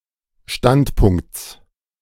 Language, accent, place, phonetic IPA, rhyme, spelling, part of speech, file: German, Germany, Berlin, [ˈʃtantˌpʊŋkt͡s], -antpʊŋkt͡s, Standpunkts, noun, De-Standpunkts.ogg
- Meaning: genitive of Standpunkt